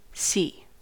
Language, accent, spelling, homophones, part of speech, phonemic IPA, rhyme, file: English, General American, see, C / cee / sea / Seay / si, verb / interjection / noun, /si/, -iː, En-us-see.ogg
- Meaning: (verb) To perceive or detect someone or something with the eyes, or as if by sight